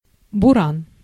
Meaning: 1. blizzard, snowstorm (especially in the steppe) 2. Buran (Soviet spaceplane)
- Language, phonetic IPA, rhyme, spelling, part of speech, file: Russian, [bʊˈran], -an, буран, noun, Ru-буран.ogg